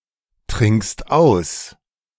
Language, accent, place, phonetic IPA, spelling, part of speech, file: German, Germany, Berlin, [ˌtʁɪŋkst ˈaʊ̯s], trinkst aus, verb, De-trinkst aus.ogg
- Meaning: second-person singular present of austrinken